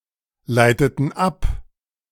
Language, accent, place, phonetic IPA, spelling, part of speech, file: German, Germany, Berlin, [ˌlaɪ̯tətn̩ ˈap], leiteten ab, verb, De-leiteten ab.ogg
- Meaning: inflection of ableiten: 1. first/third-person plural preterite 2. first/third-person plural subjunctive II